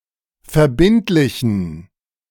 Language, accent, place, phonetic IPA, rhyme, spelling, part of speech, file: German, Germany, Berlin, [fɛɐ̯ˈbɪntlɪçn̩], -ɪntlɪçn̩, verbindlichen, adjective, De-verbindlichen.ogg
- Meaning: inflection of verbindlich: 1. strong genitive masculine/neuter singular 2. weak/mixed genitive/dative all-gender singular 3. strong/weak/mixed accusative masculine singular 4. strong dative plural